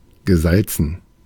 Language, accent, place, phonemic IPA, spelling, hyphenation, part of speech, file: German, Germany, Berlin, /ɡəˈzalt͡sn̩/, gesalzen, ge‧sal‧zen, verb / adjective, De-gesalzen.ogg
- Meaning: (verb) past participle of salzen; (adjective) 1. salted 2. very high, steep